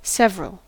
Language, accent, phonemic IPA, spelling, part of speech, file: English, US, /ˈsɛv.(ə.)ɹəl/, several, adjective / determiner / adverb / noun, En-us-several.ogg
- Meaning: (adjective) 1. Separate, distinct; particular 2. A number of different; various 3. Separable, capable of being treated separately